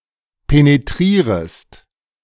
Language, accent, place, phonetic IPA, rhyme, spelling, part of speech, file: German, Germany, Berlin, [peneˈtʁiːʁəst], -iːʁəst, penetrierest, verb, De-penetrierest.ogg
- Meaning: second-person singular subjunctive I of penetrieren